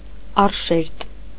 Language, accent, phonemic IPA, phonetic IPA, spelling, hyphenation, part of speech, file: Armenian, Eastern Armenian, /ɑrˈʃeɾt/, [ɑrʃéɾt], առշերտ, առ‧շերտ, noun, Hy-առշերտ.ogg
- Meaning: adstratum (any language having elements that are responsible for change in neighbouring languages)